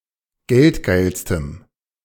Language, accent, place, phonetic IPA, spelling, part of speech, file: German, Germany, Berlin, [ˈɡɛltˌɡaɪ̯lstəm], geldgeilstem, adjective, De-geldgeilstem.ogg
- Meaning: strong dative masculine/neuter singular superlative degree of geldgeil